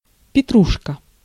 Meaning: 1. parsley (herb) 2. foolishness, absurdity
- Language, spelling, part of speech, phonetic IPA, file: Russian, петрушка, noun, [pʲɪˈtruʂkə], Ru-петрушка.ogg